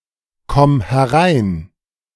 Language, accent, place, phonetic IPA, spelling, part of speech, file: German, Germany, Berlin, [ˌkɔm hɛˈʁaɪ̯n], komm herein, verb, De-komm herein.ogg
- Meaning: singular imperative of hereinkommen